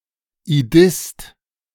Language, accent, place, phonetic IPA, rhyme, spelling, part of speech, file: German, Germany, Berlin, [iˈdɪst], -ɪst, Idist, noun, De-Idist.ogg
- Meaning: Idist